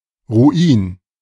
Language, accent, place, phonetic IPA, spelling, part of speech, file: German, Germany, Berlin, [ʁuˈiːn], Ruin, noun, De-Ruin.ogg
- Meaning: ruin (something which leads to serious troubles)